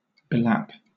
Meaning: To lap or wrap around (someone or something); to envelop, to surround
- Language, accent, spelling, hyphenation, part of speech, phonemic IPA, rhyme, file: English, Southern England, belap, be‧lap, verb, /bɪˈlæp/, -æp, LL-Q1860 (eng)-belap.wav